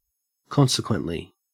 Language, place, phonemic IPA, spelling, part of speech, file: English, Queensland, /ˈkɔnsɪˌkwentli/, consequently, adverb, En-au-consequently.ogg
- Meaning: 1. As a result or consequence of something; subsequently 2. subsequently, following after in time or sequence